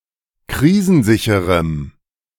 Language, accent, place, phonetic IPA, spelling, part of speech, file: German, Germany, Berlin, [ˈkʁiːzn̩ˌzɪçəʁəm], krisensicherem, adjective, De-krisensicherem.ogg
- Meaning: strong dative masculine/neuter singular of krisensicher